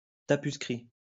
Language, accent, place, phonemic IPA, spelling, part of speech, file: French, France, Lyon, /ta.pys.kʁi/, tapuscrit, noun, LL-Q150 (fra)-tapuscrit.wav
- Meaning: typescript (typewritten material, especially such a copy of a manuscript)